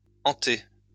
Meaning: 1. to graft 2. to implant
- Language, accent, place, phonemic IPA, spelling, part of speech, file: French, France, Lyon, /ɑ̃.te/, enter, verb, LL-Q150 (fra)-enter.wav